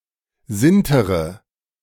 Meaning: inflection of sintern: 1. first-person singular present 2. first/third-person singular subjunctive I 3. singular imperative
- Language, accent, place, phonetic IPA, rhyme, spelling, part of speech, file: German, Germany, Berlin, [ˈzɪntəʁə], -ɪntəʁə, sintere, verb, De-sintere.ogg